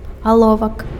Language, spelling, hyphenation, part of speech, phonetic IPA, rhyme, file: Belarusian, аловак, ало‧вак, noun, [aˈɫovak], -ovak, Be-аловак.ogg
- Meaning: pencil